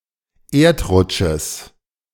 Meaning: genitive singular of Erdrutsch
- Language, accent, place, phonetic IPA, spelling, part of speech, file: German, Germany, Berlin, [ˈeːɐ̯tˌʁʊt͡ʃəs], Erdrutsches, noun, De-Erdrutsches.ogg